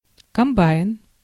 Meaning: 1. food processor, processor 2. coal cutter-loader, coal-plough machine 3. combine, combine harvester, harvester, picker
- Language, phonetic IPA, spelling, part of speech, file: Russian, [kɐmˈbajn], комбайн, noun, Ru-комбайн.ogg